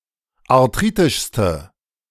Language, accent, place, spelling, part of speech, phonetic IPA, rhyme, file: German, Germany, Berlin, arthritischste, adjective, [aʁˈtʁiːtɪʃstə], -iːtɪʃstə, De-arthritischste.ogg
- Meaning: inflection of arthritisch: 1. strong/mixed nominative/accusative feminine singular superlative degree 2. strong nominative/accusative plural superlative degree